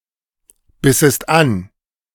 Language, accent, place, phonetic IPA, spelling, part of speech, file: German, Germany, Berlin, [ˌbɪsəst ˈan], bissest an, verb, De-bissest an.ogg
- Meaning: second-person singular subjunctive II of anbeißen